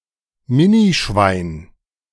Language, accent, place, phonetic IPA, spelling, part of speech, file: German, Germany, Berlin, [ˈmɪniˌʃvaɪ̯n], Minischwein, noun, De-Minischwein.ogg
- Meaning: minipig